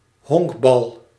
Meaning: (noun) 1. baseball (sport) 2. baseball (ball); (verb) inflection of honkballen: 1. first-person singular present indicative 2. second-person singular present indicative 3. imperative
- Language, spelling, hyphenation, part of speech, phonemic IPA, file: Dutch, honkbal, honk‧bal, noun / verb, /ˈɦɔŋk.bɑl/, Nl-honkbal.ogg